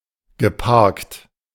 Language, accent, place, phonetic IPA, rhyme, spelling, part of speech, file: German, Germany, Berlin, [ɡəˈpaʁkt], -aʁkt, geparkt, adjective / verb, De-geparkt.ogg
- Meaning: past participle of parken